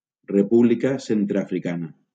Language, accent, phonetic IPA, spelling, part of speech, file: Catalan, Valencia, [reˈpu.bli.ka ˌsen.tɾe.a.fɾiˈka.na], República Centreafricana, proper noun, LL-Q7026 (cat)-República Centreafricana.wav
- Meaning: Central African Republic (a country in Central Africa)